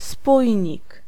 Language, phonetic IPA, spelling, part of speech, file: Polish, [ˈspujɲik], spójnik, noun, Pl-spójnik.ogg